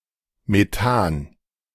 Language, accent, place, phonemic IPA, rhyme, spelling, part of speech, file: German, Germany, Berlin, /meˈtaːn/, -aːn, Methan, noun, De-Methan.ogg
- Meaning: methane